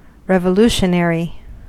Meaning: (adjective) 1. Of or pertaining to a revolution in government; tending to, or promoting, revolution 2. Of or pertaining to something that portends of great change; overthrowing a standing mindset
- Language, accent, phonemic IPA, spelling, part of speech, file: English, US, /ˌɹɛvəˈluʃənɛɹi/, revolutionary, adjective / noun, En-us-revolutionary.ogg